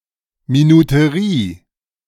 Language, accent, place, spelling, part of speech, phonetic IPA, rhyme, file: German, Germany, Berlin, Minuterie, noun, [minuteˈʁiː], -iː, De-Minuterie.ogg
- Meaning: 1. time switch, timer 2. minute scale (on watch dial)